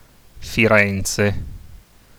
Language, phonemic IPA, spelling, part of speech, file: Italian, /fiˈrɛnt͡se/, Firenze, proper noun, It-Firenze.ogg